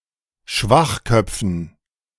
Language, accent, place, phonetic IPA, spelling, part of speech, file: German, Germany, Berlin, [ˈʃvaxˌkœp͡fn̩], Schwachköpfen, noun, De-Schwachköpfen.ogg
- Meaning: dative plural of Schwachkopf